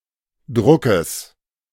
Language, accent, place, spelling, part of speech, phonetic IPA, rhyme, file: German, Germany, Berlin, Druckes, noun, [ˈdʁʊkəs], -ʊkəs, De-Druckes.ogg
- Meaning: genitive singular of Druck